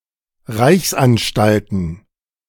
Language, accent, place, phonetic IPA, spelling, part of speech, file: German, Germany, Berlin, [ˈʁaɪ̯çsʔanˌʃtaltn̩], Reichsanstalten, noun, De-Reichsanstalten.ogg
- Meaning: plural of Reichsanstalt